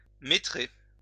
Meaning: to meter
- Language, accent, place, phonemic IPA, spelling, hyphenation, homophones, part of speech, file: French, France, Lyon, /me.tʁe/, métrer, mé‧trer, métrai / métré / métrée / métrées / métrés / métrez, verb, LL-Q150 (fra)-métrer.wav